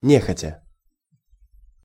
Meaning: unwillingly
- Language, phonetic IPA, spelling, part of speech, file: Russian, [ˈnʲexətʲə], нехотя, adverb, Ru-нехотя.ogg